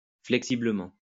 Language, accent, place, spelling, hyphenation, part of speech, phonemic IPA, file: French, France, Lyon, flexiblement, flexi‧ble‧ment, adverb, /flɛk.si.blə.mɑ̃/, LL-Q150 (fra)-flexiblement.wav
- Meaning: flexibly